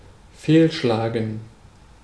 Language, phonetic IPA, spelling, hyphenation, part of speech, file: German, [ˈfeːlˌʃlaːɡn̩], fehlschlagen, fehl‧schla‧gen, verb, De-fehlschlagen.ogg
- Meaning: 1. to fail 2. to abort